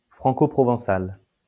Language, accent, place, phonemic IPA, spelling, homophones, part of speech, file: French, France, Lyon, /fʁɑ̃.ko.pʁɔ.vɑ̃.sal/, franco-provençal, francoprovençal / franco-provençale / francoprovençale / franco-provençales / francoprovençales, adjective / noun, LL-Q150 (fra)-franco-provençal.wav
- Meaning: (adjective) Franco-Provençal